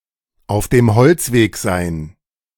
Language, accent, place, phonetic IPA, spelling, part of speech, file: German, Germany, Berlin, [aʊ̯f deːm ˈhɔlt͡sveːk zaɪ̯n], auf dem Holzweg sein, phrase, De-auf dem Holzweg sein.ogg
- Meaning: 1. to be on the wrong track 2. to be up a blind alley 3. to bark up the wrong tree